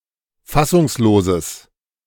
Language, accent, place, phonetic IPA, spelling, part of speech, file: German, Germany, Berlin, [ˈfasʊŋsˌloːzəs], fassungsloses, adjective, De-fassungsloses.ogg
- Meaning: strong/mixed nominative/accusative neuter singular of fassungslos